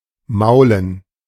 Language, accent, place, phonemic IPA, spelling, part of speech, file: German, Germany, Berlin, /ˈmaʊ̯lən/, maulen, verb, De-maulen.ogg
- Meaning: 1. to moan, nag 2. to fall (on one's face)